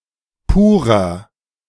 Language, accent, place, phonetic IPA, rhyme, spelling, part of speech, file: German, Germany, Berlin, [ˈpuːʁɐ], -uːʁɐ, purer, adjective, De-purer.ogg
- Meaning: 1. comparative degree of pur 2. inflection of pur: strong/mixed nominative masculine singular 3. inflection of pur: strong genitive/dative feminine singular